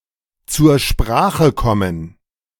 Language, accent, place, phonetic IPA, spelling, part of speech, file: German, Germany, Berlin, [t͡suːɐ̯ ˈʃpʁaːχə ˈkɔmən], zur Sprache kommen, verb, De-zur Sprache kommen.ogg
- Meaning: to come up for discussion